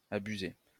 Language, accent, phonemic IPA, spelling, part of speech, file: French, France, /a.by.ze/, abusé, verb, LL-Q150 (fra)-abusé.wav
- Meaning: past participle of abuser